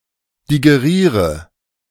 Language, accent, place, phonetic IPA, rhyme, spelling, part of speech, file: German, Germany, Berlin, [diɡeˈʁiːʁə], -iːʁə, digeriere, verb, De-digeriere.ogg
- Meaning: inflection of digerieren: 1. first-person singular present 2. first/third-person singular subjunctive I 3. singular imperative